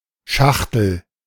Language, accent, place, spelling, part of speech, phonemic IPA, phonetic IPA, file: German, Germany, Berlin, Schachtel, noun, /ˈʃaxtəl/, [ˈʃaχ.tl̩], De-Schachtel.ogg
- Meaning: 1. a small, usually square box, package or case 2. vulva, vagina 3. woman